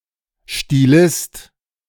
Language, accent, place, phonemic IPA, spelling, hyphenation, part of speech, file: German, Germany, Berlin, /stiˈlɪst/, Stilist, Sti‧list, noun, De-Stilist.ogg
- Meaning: stylist (writer or speaker distinguished for excellence or individuality of style)